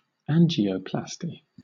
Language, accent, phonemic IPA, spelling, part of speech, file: English, Southern England, /ˈæn.d͡ʒi.əʊ.plæs.ti/, angioplasty, noun / verb, LL-Q1860 (eng)-angioplasty.wav
- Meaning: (noun) The mechanical widening of a narrowed or totally obstructed blood vessel generally caused by atheroma; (verb) To perform angioplasty upon